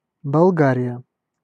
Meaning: Bulgaria (a country in Southeastern Europe; official name: Респу́блика Болга́рия (Respúblika Bolgárija))
- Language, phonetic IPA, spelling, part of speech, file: Russian, [bɐɫˈɡarʲɪjə], Болгария, proper noun, Ru-Болгария.ogg